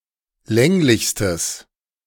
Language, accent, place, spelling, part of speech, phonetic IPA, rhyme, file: German, Germany, Berlin, länglichstes, adjective, [ˈlɛŋlɪçstəs], -ɛŋlɪçstəs, De-länglichstes.ogg
- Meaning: strong/mixed nominative/accusative neuter singular superlative degree of länglich